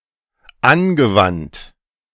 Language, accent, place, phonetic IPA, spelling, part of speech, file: German, Germany, Berlin, [ˈanɡəˌvant], angewandt, verb, De-angewandt.ogg
- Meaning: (verb) past participle of anwenden; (adjective) applied, practical, used